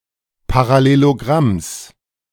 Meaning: genitive singular of Parallelogramm
- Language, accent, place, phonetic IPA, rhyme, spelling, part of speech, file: German, Germany, Berlin, [paʁaˌleloˈɡʁams], -ams, Parallelogramms, noun, De-Parallelogramms.ogg